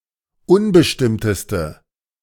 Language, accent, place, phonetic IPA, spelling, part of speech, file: German, Germany, Berlin, [ˈʊnbəʃtɪmtəstə], unbestimmteste, adjective, De-unbestimmteste.ogg
- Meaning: inflection of unbestimmt: 1. strong/mixed nominative/accusative feminine singular superlative degree 2. strong nominative/accusative plural superlative degree